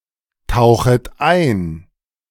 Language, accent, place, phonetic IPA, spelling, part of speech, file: German, Germany, Berlin, [ˌtaʊ̯xət ˈaɪ̯n], tauchet ein, verb, De-tauchet ein.ogg
- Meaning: second-person plural subjunctive I of eintauchen